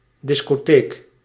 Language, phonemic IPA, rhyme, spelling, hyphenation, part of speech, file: Dutch, /ˌdɪs.koːˈteːk/, -eːk, discotheek, dis‧co‧theek, noun, Nl-discotheek.ogg
- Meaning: 1. discotheque 2. music or sound record library